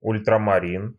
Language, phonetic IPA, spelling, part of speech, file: Russian, [ʊlʲtrəmɐˈrʲin], ультрамарин, noun, Ru-ультрамарин.ogg
- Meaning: ultramarine (pigment, color)